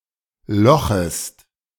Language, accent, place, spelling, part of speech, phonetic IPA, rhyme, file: German, Germany, Berlin, lochest, verb, [ˈlɔxəst], -ɔxəst, De-lochest.ogg
- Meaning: second-person singular subjunctive I of lochen